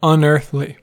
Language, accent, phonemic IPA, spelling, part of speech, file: English, US, /ʌnˈɝθ.li/, unearthly, adjective, En-us-unearthly.ogg
- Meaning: 1. Not of the earth; nonterrestrial 2. Preternatural or supernatural 3. Strange, enigmatic, or mysterious 4. Ideal beyond the mundane 5. Ridiculous, ludicrous, or outrageous